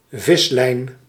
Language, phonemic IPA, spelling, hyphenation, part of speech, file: Dutch, /ˈvɪs.lɛi̯n/, vislijn, vis‧lijn, noun, Nl-vislijn.ogg
- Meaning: fishing line